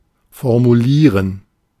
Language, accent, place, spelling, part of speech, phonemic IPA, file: German, Germany, Berlin, formulieren, verb, /fɔʁmuˈliːʁən/, De-formulieren.ogg
- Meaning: to formulate, to put into words (a thought, question, request)